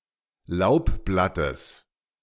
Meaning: genitive singular of Laubblatt
- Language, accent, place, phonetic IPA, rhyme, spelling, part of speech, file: German, Germany, Berlin, [ˈlaʊ̯pˌblatəs], -aʊ̯pblatəs, Laubblattes, noun, De-Laubblattes.ogg